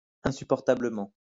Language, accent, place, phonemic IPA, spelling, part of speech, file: French, France, Lyon, /ɛ̃.sy.pɔʁ.ta.blə.mɑ̃/, insupportablement, adverb, LL-Q150 (fra)-insupportablement.wav
- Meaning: insupportably, intolerably, unbearably